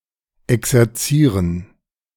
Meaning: 1. to drill 2. to exercise
- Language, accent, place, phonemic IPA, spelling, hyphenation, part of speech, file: German, Germany, Berlin, /ˌɛksɛʁˈt͡siːʁən/, exerzieren, ex‧er‧zie‧ren, verb, De-exerzieren.ogg